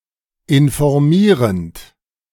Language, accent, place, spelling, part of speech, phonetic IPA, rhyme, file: German, Germany, Berlin, informierend, verb, [ɪnfɔʁˈmiːʁənt], -iːʁənt, De-informierend.ogg
- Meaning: present participle of informieren